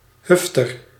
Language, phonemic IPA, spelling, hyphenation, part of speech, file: Dutch, /ˈɦʏftər/, hufter, huf‧ter, noun, Nl-hufter.ogg
- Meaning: (Male) jerk, asshole